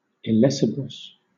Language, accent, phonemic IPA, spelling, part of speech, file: English, Southern England, /ɪˈlɛsɪbɹəs/, illecebrous, adjective, LL-Q1860 (eng)-illecebrous.wav
- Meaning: Tending to attract; enticing